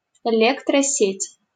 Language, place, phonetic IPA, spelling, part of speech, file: Russian, Saint Petersburg, [ɪˌlʲektrɐˈsʲetʲ], электросеть, noun, LL-Q7737 (rus)-электросеть.wav
- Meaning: power grid, electricity network